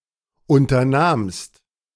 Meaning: second-person singular preterite of unternehmen
- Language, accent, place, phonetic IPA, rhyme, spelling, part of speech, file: German, Germany, Berlin, [ˌʔʊntɐˈnaːmst], -aːmst, unternahmst, verb, De-unternahmst.ogg